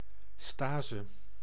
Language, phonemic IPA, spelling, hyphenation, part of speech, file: Dutch, /ˈstaːzə/, stase, sta‧se, noun, Nl-stase.ogg
- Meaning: stasis (inactivity)